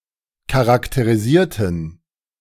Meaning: inflection of charakterisieren: 1. first/third-person plural preterite 2. first/third-person plural subjunctive II
- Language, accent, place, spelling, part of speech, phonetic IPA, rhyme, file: German, Germany, Berlin, charakterisierten, adjective / verb, [kaʁakteʁiˈziːɐ̯tn̩], -iːɐ̯tn̩, De-charakterisierten.ogg